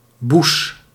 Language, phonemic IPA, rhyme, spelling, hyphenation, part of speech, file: Dutch, /bus/, -us, boes, boes, noun, Nl-boes.ogg
- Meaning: the part of a cow stable's floor on which the cows' hindlegs stand